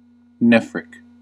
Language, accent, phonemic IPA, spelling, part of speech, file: English, US, /ˈnɛf.ɹɪk/, nephric, adjective, En-us-nephric.ogg
- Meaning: Relating to or connected with a kidney